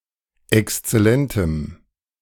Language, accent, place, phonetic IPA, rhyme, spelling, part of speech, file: German, Germany, Berlin, [ɛkst͡sɛˈlɛntəm], -ɛntəm, exzellentem, adjective, De-exzellentem.ogg
- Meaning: strong dative masculine/neuter singular of exzellent